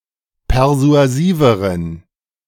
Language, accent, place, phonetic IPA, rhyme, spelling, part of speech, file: German, Germany, Berlin, [pɛʁzu̯aˈziːvəʁən], -iːvəʁən, persuasiveren, adjective, De-persuasiveren.ogg
- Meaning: inflection of persuasiv: 1. strong genitive masculine/neuter singular comparative degree 2. weak/mixed genitive/dative all-gender singular comparative degree